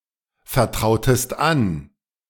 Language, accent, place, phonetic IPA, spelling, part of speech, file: German, Germany, Berlin, [fɛɐ̯ˌtʁaʊ̯təst ˈan], vertrautest an, verb, De-vertrautest an.ogg
- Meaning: inflection of anvertrauen: 1. second-person singular preterite 2. second-person singular subjunctive II